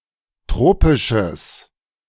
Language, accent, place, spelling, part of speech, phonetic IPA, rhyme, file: German, Germany, Berlin, tropisches, adjective, [ˈtʁoːpɪʃəs], -oːpɪʃəs, De-tropisches.ogg
- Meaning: strong/mixed nominative/accusative neuter singular of tropisch